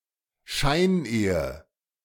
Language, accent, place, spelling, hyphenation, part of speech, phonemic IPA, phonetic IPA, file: German, Germany, Berlin, Scheinehe, Schein‧ehe, noun, /ˈʃaɪ̯nˌeːə/, [ˈʃaɪ̯nˌʔeː.ə], De-Scheinehe.ogg
- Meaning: sham marriage (fraudulent marriage between two persons who are not truly a couple)